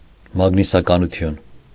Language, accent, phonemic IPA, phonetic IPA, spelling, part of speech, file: Armenian, Eastern Armenian, /mɑɡnisɑkɑnuˈtʰjun/, [mɑɡnisɑkɑnut͡sʰjún], մագնիսականություն, noun, Hy-մագնիսականություն.ogg
- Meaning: magnetism